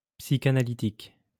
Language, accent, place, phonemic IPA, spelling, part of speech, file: French, France, Lyon, /psi.ka.na.li.tik/, psychanalytique, adjective, LL-Q150 (fra)-psychanalytique.wav
- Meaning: psychoanalysis; psychoanalytical